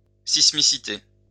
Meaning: seismicity
- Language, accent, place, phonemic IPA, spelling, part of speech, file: French, France, Lyon, /sis.mi.si.te/, sismicité, noun, LL-Q150 (fra)-sismicité.wav